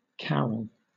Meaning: Alternative spelling of carol (“a small closet or enclosure built against the inner side of a window of a monastery's cloister, to sit in for study”)
- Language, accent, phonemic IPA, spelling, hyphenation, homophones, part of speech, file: English, Southern England, /ˈkæɹəl/, carrel, car‧rel, carol / Carol, noun, LL-Q1860 (eng)-carrel.wav